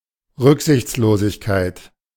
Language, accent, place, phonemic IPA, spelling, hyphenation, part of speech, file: German, Germany, Berlin, /ˈʁʏkzɪçt͡sˌloːzɪçkaɪ̯t/, Rücksichtslosigkeit, Rück‧sichts‧lo‧sig‧keit, noun, De-Rücksichtslosigkeit.ogg
- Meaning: 1. inconsiderateness 2. recklessness 3. ruthlessness 4. pushiness